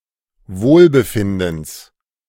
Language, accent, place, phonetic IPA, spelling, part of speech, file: German, Germany, Berlin, [ˈvoːlbəˌfɪndn̩s], Wohlbefindens, noun, De-Wohlbefindens.ogg
- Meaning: genitive singular of Wohlbefinden